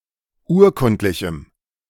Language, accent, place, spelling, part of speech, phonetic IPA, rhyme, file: German, Germany, Berlin, urkundlichem, adjective, [ˈuːɐ̯ˌkʊntlɪçm̩], -uːɐ̯kʊntlɪçm̩, De-urkundlichem.ogg
- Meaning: strong dative masculine/neuter singular of urkundlich